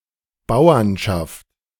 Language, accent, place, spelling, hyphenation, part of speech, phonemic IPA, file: German, Germany, Berlin, Bauernschaft, Bau‧ern‧schaft, noun, /ˈbaʊ̯ɐnʃaft/, De-Bauernschaft.ogg
- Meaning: 1. a union of farmers, or a peasants' confederation, typically on a regional level 2. the trade of farmers, and farmers as a group of the population 3. an identified region, e.g. Farster Bauernschaft